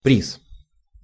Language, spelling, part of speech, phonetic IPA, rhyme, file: Russian, приз, noun, [prʲis], -is, Ru-приз.ogg
- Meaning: prize